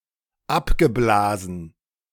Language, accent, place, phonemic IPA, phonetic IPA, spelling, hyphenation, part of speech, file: German, Germany, Berlin, /abɡəblaːzən/, [ˈʔapɡəˌblaːzn̩], abgeblasen, ab‧ge‧bla‧sen, verb, De-abgeblasen.ogg
- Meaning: past participle of abblasen